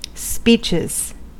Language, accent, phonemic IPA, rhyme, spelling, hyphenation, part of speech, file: English, US, /ˈspiːt͡ʃɪz/, -iːtʃɪz, speeches, speech‧es, noun / verb, En-us-speeches.ogg
- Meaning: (noun) plural of speech; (verb) third-person singular simple present indicative of speech